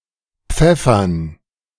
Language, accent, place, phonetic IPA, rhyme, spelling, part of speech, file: German, Germany, Berlin, [ˈp͡fɛfɐn], -ɛfɐn, Pfeffern, noun, De-Pfeffern.ogg
- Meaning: dative plural of Pfeffer